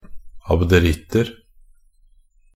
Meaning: indefinite plural of abderitt
- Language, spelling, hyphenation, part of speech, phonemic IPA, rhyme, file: Norwegian Bokmål, abderitter, ab‧de‧ritt‧er, noun, /abdəˈrɪtːər/, -ər, Nb-abderitter.ogg